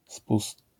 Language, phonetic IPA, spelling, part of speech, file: Polish, [spust], spust, noun, LL-Q809 (pol)-spust.wav